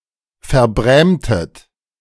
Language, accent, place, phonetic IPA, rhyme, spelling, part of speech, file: German, Germany, Berlin, [fɛɐ̯ˈbʁɛːmtət], -ɛːmtət, verbrämtet, verb, De-verbrämtet.ogg
- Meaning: inflection of verbrämen: 1. second-person plural preterite 2. second-person plural subjunctive II